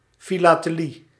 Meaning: philately
- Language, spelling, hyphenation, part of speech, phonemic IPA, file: Dutch, filatelie, fi‧la‧te‧lie, noun, /ˌfilatəˈli/, Nl-filatelie.ogg